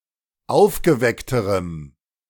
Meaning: strong dative masculine/neuter singular comparative degree of aufgeweckt
- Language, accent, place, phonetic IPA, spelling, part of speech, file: German, Germany, Berlin, [ˈaʊ̯fɡəˌvɛktəʁəm], aufgeweckterem, adjective, De-aufgeweckterem.ogg